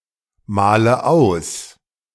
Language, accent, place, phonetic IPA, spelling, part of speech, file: German, Germany, Berlin, [ˌmaːlə ˈaʊ̯s], male aus, verb, De-male aus.ogg
- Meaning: inflection of ausmalen: 1. first-person singular present 2. first/third-person singular subjunctive I 3. singular imperative